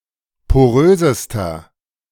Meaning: inflection of porös: 1. strong/mixed nominative masculine singular superlative degree 2. strong genitive/dative feminine singular superlative degree 3. strong genitive plural superlative degree
- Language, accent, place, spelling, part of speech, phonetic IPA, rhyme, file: German, Germany, Berlin, porösester, adjective, [poˈʁøːzəstɐ], -øːzəstɐ, De-porösester.ogg